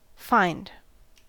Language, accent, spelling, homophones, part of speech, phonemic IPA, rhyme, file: English, US, fined, find, verb, /faɪnd/, -aɪnd, En-us-fined.ogg
- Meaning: simple past and past participle of fine